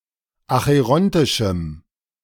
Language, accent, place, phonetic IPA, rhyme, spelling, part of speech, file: German, Germany, Berlin, [axəˈʁɔntɪʃm̩], -ɔntɪʃm̩, acherontischem, adjective, De-acherontischem.ogg
- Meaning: strong dative masculine/neuter singular of acherontisch